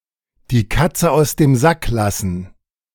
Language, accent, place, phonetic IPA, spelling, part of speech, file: German, Germany, Berlin, [diː ˈkat͡sə aʊ̯s deːm zak ˈlasn̩], die Katze aus dem Sack lassen, phrase, De-die Katze aus dem Sack lassen.ogg
- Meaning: to let the cat out of the bag